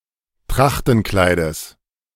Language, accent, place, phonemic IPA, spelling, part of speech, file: German, Germany, Berlin, /ˈtʁaxtn̩ˌklaɪ̯dəs/, Trachtenkleides, noun, De-Trachtenkleides.ogg
- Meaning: genitive singular of Trachtenkleid